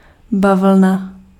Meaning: cotton (the textile made from the fiber harvested from the cotton plant)
- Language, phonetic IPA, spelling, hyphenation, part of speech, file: Czech, [ˈbavl̩na], bavlna, ba‧vl‧na, noun, Cs-bavlna.ogg